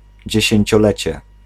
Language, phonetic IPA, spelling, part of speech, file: Polish, [ˌd͡ʑɛ̇ɕɛ̇̃ɲt͡ɕɔˈlɛt͡ɕɛ], dziesięciolecie, noun, Pl-dziesięciolecie.ogg